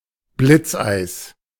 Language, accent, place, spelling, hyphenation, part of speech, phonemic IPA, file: German, Germany, Berlin, Blitzeis, Blitz‧eis, noun, /ˈblɪtsʔaɪ̯s/, De-Blitzeis.ogg
- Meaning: A coating of ice, caused by a downpour of freezing rain, that forms rapidly on exposed surfaces; black ice